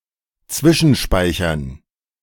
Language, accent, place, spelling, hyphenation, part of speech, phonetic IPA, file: German, Germany, Berlin, zwischenspeichern, zwi‧schen‧spei‧chern, verb, [ˈt͡svɪʃn̩ˌʃpaɪ̯çɐn], De-zwischenspeichern.ogg
- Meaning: to cache